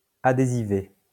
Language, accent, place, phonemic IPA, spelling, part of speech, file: French, France, Lyon, /a.de.zi.ve/, adhésivé, adjective, LL-Q150 (fra)-adhésivé.wav
- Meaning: 1. adherent 2. made adhesive